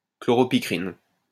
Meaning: chloropicrin
- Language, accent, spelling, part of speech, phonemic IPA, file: French, France, chloropicrine, noun, /klɔ.ʁɔ.pi.kʁin/, LL-Q150 (fra)-chloropicrine.wav